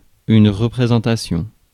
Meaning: 1. representation 2. the act or an instance of showing or presenting
- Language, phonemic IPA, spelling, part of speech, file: French, /ʁə.pʁe.zɑ̃.ta.sjɔ̃/, représentation, noun, Fr-représentation.ogg